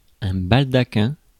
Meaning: baldaquin, canopy
- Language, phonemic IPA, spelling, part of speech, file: French, /bal.da.kɛ̃/, baldaquin, noun, Fr-baldaquin.ogg